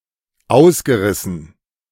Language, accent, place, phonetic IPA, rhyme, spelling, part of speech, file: German, Germany, Berlin, [ˈaʊ̯sɡəˌʁɪsn̩], -aʊ̯sɡəʁɪsn̩, ausgerissen, verb, De-ausgerissen.ogg
- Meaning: past participle of ausreißen